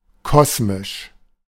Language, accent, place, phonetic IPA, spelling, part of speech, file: German, Germany, Berlin, [ˈkɔsmɪʃ], kosmisch, adjective, De-kosmisch.ogg
- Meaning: cosmic